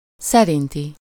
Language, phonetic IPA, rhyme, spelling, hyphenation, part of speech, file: Hungarian, [ˈsɛrinti], -ti, szerinti, sze‧rin‧ti, adjective, Hu-szerinti.ogg
- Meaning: 1. by, according to someone or something 2. in agreement with someone or something